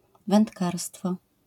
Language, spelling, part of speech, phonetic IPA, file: Polish, wędkarstwo, noun, [vɛ̃ntˈkarstfɔ], LL-Q809 (pol)-wędkarstwo.wav